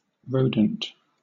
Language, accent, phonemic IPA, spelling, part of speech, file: English, Southern England, /ˈɹəʊdənt/, rodent, noun / adjective, LL-Q1860 (eng)-rodent.wav
- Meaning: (noun) A mammal of the order Rodentia, characterized by long incisors that grow continuously and are worn down by gnawing